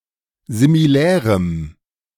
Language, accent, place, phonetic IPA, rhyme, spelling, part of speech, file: German, Germany, Berlin, [zimiˈlɛːʁəm], -ɛːʁəm, similärem, adjective, De-similärem.ogg
- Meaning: strong dative masculine/neuter singular of similär